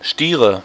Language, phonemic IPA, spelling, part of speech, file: German, /ˈʃtiːʁə/, Stiere, noun, De-Stiere.ogg
- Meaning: 1. dative singular of Stier 2. nominative plural of Stier 3. genitive plural of Stier 4. accusative plural of Stier